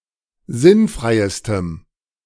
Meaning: strong dative masculine/neuter singular superlative degree of sinnfrei
- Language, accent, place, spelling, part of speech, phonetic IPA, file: German, Germany, Berlin, sinnfreistem, adjective, [ˈzɪnˌfʁaɪ̯stəm], De-sinnfreistem.ogg